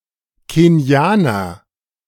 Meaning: Kenyan (A person from Kenya or of Kenyan descent)
- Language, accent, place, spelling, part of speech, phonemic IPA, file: German, Germany, Berlin, Kenianer, noun, /keni̯ˈaːnɐ/, De-Kenianer.ogg